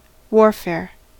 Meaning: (noun) 1. The waging of war or armed conflict against an enemy 2. Military operations of some particular kind e.g. guerrilla warfare; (verb) To lead a military life; to carry on continual wars
- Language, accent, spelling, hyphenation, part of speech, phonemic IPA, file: English, General American, warfare, war‧fare, noun / verb, /ˈwɔɹfɛɹ/, En-us-warfare.ogg